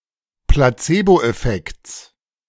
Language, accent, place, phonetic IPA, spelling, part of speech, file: German, Germany, Berlin, [plaˈt͡seːboʔɛˌfɛkt͡s], Placeboeffekts, noun, De-Placeboeffekts.ogg
- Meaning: genitive singular of Placeboeffekt